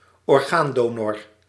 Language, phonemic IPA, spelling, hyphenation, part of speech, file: Dutch, /ɔrˈɣaːnˌdoː.nɔr/, orgaandonor, or‧gaan‧do‧nor, noun, Nl-orgaandonor.ogg
- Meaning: an organ donor